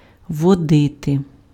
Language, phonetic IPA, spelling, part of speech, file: Ukrainian, [wɔˈdɪte], водити, verb, Uk-водити.ogg
- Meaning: 1. to lead, to conduct 2. to drive